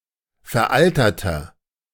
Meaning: 1. comparative degree of veraltert 2. inflection of veraltert: strong/mixed nominative masculine singular 3. inflection of veraltert: strong genitive/dative feminine singular
- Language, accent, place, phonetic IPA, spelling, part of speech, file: German, Germany, Berlin, [fɛɐ̯ˈʔaltɐtɐ], veralterter, adjective, De-veralterter.ogg